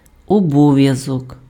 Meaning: duty, obligation, responsibility
- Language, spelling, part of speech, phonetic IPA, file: Ukrainian, обов'язок, noun, [ɔˈbɔʋjɐzɔk], Uk-обов'язок.ogg